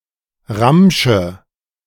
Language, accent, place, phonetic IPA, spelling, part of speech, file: German, Germany, Berlin, [ˈʁamʃə], Ramsche, noun, De-Ramsche.ogg
- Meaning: nominative/accusative/genitive plural of Ramsch